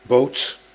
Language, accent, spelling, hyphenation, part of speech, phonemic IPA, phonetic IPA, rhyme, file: Dutch, Netherlands, boot, boot, noun, /boːt/, [boʊ̯t], -oːt, Nl-boot.ogg
- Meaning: boat